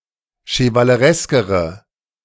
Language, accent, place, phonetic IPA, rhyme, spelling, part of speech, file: German, Germany, Berlin, [ʃəvaləˈʁɛskəʁə], -ɛskəʁə, chevalereskere, adjective, De-chevalereskere.ogg
- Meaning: inflection of chevaleresk: 1. strong/mixed nominative/accusative feminine singular comparative degree 2. strong nominative/accusative plural comparative degree